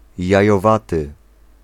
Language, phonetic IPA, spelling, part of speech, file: Polish, [ˌjäjɔˈvatɨ], jajowaty, adjective, Pl-jajowaty.ogg